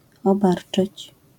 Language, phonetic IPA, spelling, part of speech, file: Polish, [ɔˈbart͡ʃɨt͡ɕ], obarczyć, verb, LL-Q809 (pol)-obarczyć.wav